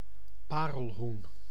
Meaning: a guinea fowl, any fowl of the family Numididae
- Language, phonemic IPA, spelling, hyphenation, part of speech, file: Dutch, /ˈpaː.rəlˌɦun/, parelhoen, pa‧rel‧hoen, noun, Nl-parelhoen.ogg